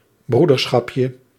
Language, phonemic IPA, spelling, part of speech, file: Dutch, /ˈbrudərˌsxɑpjə/, broederschapje, noun, Nl-broederschapje.ogg
- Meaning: diminutive of broederschap